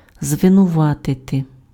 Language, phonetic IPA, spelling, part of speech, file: Ukrainian, [zʋenʊˈʋatete], звинуватити, verb, Uk-звинуватити.ogg
- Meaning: to accuse